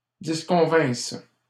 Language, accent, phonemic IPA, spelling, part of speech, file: French, Canada, /dis.kɔ̃.vɛ̃s/, disconvinssent, verb, LL-Q150 (fra)-disconvinssent.wav
- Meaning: third-person plural imperfect subjunctive of disconvenir